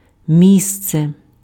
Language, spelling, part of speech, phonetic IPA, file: Ukrainian, місце, noun, [ˈmʲist͡se], Uk-місце.ogg
- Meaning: 1. place, spot 2. room, space